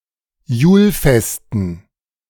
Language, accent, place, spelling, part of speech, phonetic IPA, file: German, Germany, Berlin, Julfesten, noun, [ˈjuːlˌfɛstn̩], De-Julfesten.ogg
- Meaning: dative plural of Julfest